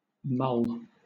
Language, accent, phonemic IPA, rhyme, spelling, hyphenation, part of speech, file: English, Southern England, /mʌl/, -ʌl, mull, mull, verb / noun, LL-Q1860 (eng)-mull.wav
- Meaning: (verb) 1. To work (over) mentally; to cogitate; to ruminate 2. To powder; to pulverize 3. To chop marijuana so that it becomes a smokable form 4. To heat and spice something, such as wine